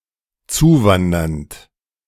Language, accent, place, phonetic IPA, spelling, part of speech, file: German, Germany, Berlin, [ˈt͡suːˌvandɐnt], zuwandernd, verb, De-zuwandernd.ogg
- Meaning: present participle of zuwandern